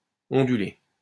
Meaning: past participle of onduler
- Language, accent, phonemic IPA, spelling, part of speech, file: French, France, /ɔ̃.dy.le/, ondulé, verb, LL-Q150 (fra)-ondulé.wav